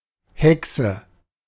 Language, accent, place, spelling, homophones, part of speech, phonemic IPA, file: German, Germany, Berlin, Hexe, Haeckse, noun, /ˈhɛk.sə/, De-Hexe.ogg
- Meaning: 1. witch, sorceress 2. witch, hag (evil and/or ugly woman)